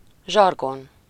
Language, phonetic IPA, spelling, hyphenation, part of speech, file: Hungarian, [ˈʒɒrɡon], zsargon, zsar‧gon, noun, Hu-zsargon.ogg
- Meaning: jargon